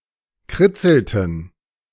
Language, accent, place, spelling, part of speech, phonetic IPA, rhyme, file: German, Germany, Berlin, kritzelten, verb, [ˈkʁɪt͡sl̩tn̩], -ɪt͡sl̩tn̩, De-kritzelten.ogg
- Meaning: inflection of kritzeln: 1. first/third-person plural preterite 2. first/third-person plural subjunctive II